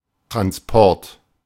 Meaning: transport
- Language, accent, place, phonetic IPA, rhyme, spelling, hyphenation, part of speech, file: German, Germany, Berlin, [tʁansˈpɔʁt], -ɔʁt, Transport, Trans‧port, noun, De-Transport.ogg